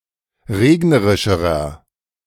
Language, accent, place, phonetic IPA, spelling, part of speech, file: German, Germany, Berlin, [ˈʁeːɡnəʁɪʃəʁɐ], regnerischerer, adjective, De-regnerischerer.ogg
- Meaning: inflection of regnerisch: 1. strong/mixed nominative masculine singular comparative degree 2. strong genitive/dative feminine singular comparative degree 3. strong genitive plural comparative degree